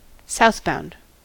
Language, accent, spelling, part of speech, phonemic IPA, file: English, US, southbound, adverb / adjective, /ˈsaʊθbaʊnd/, En-us-southbound.ogg
- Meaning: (adverb) Toward the south; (adjective) Which is (or will be) travelling south